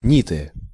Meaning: nominative/accusative plural of нит (nit)
- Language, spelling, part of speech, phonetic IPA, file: Russian, ниты, noun, [ˈnʲitɨ], Ru-ниты.ogg